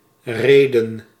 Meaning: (noun) 1. reason, ground 2. proportion; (verb) 1. to equip (a ship) 2. to equip, fit, supply with (something with a supplemental tool); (noun) plural of rede
- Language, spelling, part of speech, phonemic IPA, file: Dutch, reden, noun / verb, /ˈreːdə(n)/, Nl-reden.ogg